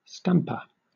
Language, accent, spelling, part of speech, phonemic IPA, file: English, Southern England, stamper, noun, /ˈstæmpə/, LL-Q1860 (eng)-stamper.wav
- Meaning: 1. One who stamps 2. An instrument for pounding or stamping 3. A physical template from which many identical vinyl records or compact discs can be produced